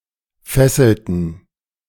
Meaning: inflection of fesseln: 1. first/third-person plural preterite 2. first/third-person plural subjunctive II
- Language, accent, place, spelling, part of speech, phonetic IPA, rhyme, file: German, Germany, Berlin, fesselten, verb, [ˈfɛsl̩tn̩], -ɛsl̩tn̩, De-fesselten.ogg